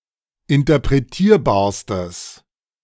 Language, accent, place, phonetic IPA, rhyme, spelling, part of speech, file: German, Germany, Berlin, [ɪntɐpʁeˈtiːɐ̯baːɐ̯stəs], -iːɐ̯baːɐ̯stəs, interpretierbarstes, adjective, De-interpretierbarstes.ogg
- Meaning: strong/mixed nominative/accusative neuter singular superlative degree of interpretierbar